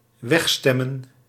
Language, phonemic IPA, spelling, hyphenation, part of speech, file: Dutch, /ˈʋɛxˌstɛ.mə(n)/, wegstemmen, weg‧stem‧men, verb, Nl-wegstemmen.ogg
- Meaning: to vote out, to reject, to vote away